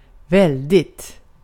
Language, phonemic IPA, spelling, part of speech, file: Swedish, /²vɛlːdɪt/, väldigt, adjective / adverb, Sv-väldigt.ogg
- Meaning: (adjective) indefinite neuter singular of väldig; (adverb) very, really (to a very high degree)